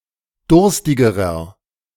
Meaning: inflection of durstig: 1. strong/mixed nominative masculine singular comparative degree 2. strong genitive/dative feminine singular comparative degree 3. strong genitive plural comparative degree
- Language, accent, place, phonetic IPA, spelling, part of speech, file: German, Germany, Berlin, [ˈdʊʁstɪɡəʁɐ], durstigerer, adjective, De-durstigerer.ogg